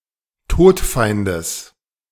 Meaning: genitive singular of Todfeind
- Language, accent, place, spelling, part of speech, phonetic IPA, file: German, Germany, Berlin, Todfeindes, noun, [ˈtoːtˌfaɪ̯ndəs], De-Todfeindes.ogg